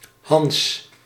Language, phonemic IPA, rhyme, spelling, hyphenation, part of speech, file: Dutch, /ɦɑns/, -ɑns, Hans, Hans, proper noun, Nl-Hans.ogg
- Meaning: a diminutive of the male given name Johannes